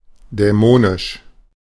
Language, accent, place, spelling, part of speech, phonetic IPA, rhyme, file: German, Germany, Berlin, dämonisch, adjective, [dɛˈmoːnɪʃ], -oːnɪʃ, De-dämonisch.ogg
- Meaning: demonic, demoniac